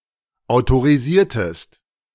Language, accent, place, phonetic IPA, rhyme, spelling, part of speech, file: German, Germany, Berlin, [aʊ̯toʁiˈziːɐ̯təst], -iːɐ̯təst, autorisiertest, verb, De-autorisiertest.ogg
- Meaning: inflection of autorisieren: 1. second-person singular preterite 2. second-person singular subjunctive II